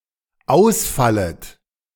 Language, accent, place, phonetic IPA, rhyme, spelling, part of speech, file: German, Germany, Berlin, [ˈaʊ̯sˌfalət], -aʊ̯sfalət, ausfallet, verb, De-ausfallet.ogg
- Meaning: second-person plural dependent subjunctive I of ausfallen